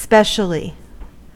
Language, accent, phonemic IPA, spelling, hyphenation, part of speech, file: English, US, /ˈspɛʃəli/, specially, spe‧cial‧ly, adverb, En-us-specially.ogg
- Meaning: 1. For a special purpose, person, or occasion 2. extremely 3. in particular